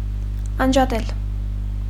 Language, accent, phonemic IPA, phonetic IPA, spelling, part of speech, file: Armenian, Eastern Armenian, /ɑnd͡ʒɑˈtel/, [ɑnd͡ʒɑtél], անջատել, verb, Hy-անջատել.ogg
- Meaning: 1. to separate, to part; to detach; to disconnect; to disunite 2. to turn off, to shut down, to disable (to put a device, system or mechanism out of operation)